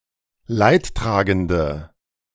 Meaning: 1. female equivalent of Leidtragender: female mourner, female sufferer 2. inflection of Leidtragender: strong nominative/accusative plural 3. inflection of Leidtragender: weak nominative singular
- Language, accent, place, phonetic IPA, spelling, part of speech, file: German, Germany, Berlin, [ˈlaɪ̯tˌtʁaːɡəndə], Leidtragende, noun, De-Leidtragende.ogg